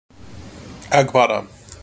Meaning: A long, flowing robe with wide sleeves worn by men in some parts of West Africa, often decorated with embroidery
- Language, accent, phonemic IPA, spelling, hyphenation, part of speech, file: English, General American, /æɡˈbɑdə/, agbada, ag‧ba‧da, noun, En-us-agbada.mp3